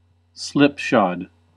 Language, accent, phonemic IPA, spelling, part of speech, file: English, US, /ˈslɪp.ʃɑd/, slipshod, adjective, En-us-slipshod.ogg
- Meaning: 1. Done poorly or too quickly; slapdash 2. Wearing slippers or similarly open shoes